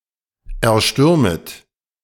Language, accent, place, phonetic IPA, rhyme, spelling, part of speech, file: German, Germany, Berlin, [ɛɐ̯ˈʃtʏʁmət], -ʏʁmət, erstürmet, verb, De-erstürmet.ogg
- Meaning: second-person plural subjunctive I of erstürmen